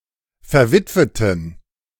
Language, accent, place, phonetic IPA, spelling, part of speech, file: German, Germany, Berlin, [fɛɐ̯ˈvɪtvətn̩], verwitweten, adjective, De-verwitweten.ogg
- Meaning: inflection of verwitwet: 1. strong genitive masculine/neuter singular 2. weak/mixed genitive/dative all-gender singular 3. strong/weak/mixed accusative masculine singular 4. strong dative plural